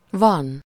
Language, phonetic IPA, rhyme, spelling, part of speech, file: Hungarian, [ˈvɒn], -ɒn, van, verb, Hu-van.ogg
- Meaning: 1. to be 2. there to be, to exist 3. to have; someone (-nak/-nek) has something (-a/-e/-ja/-je) 4. to be made (out) of something (with -ból/-ből) 5. to be (indicating the statal passive)